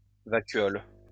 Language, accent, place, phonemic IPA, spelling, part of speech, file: French, France, Lyon, /va.kɥɔl/, vacuole, noun, LL-Q150 (fra)-vacuole.wav
- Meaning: vacuole